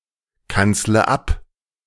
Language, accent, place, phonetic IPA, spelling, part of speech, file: German, Germany, Berlin, [ˌkant͡slə ˈap], kanzle ab, verb, De-kanzle ab.ogg
- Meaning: inflection of abkanzeln: 1. first-person singular present 2. first/third-person singular subjunctive I 3. singular imperative